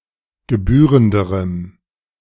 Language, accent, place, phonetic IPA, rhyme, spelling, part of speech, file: German, Germany, Berlin, [ɡəˈbyːʁəndəʁəm], -yːʁəndəʁəm, gebührenderem, adjective, De-gebührenderem.ogg
- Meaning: strong dative masculine/neuter singular comparative degree of gebührend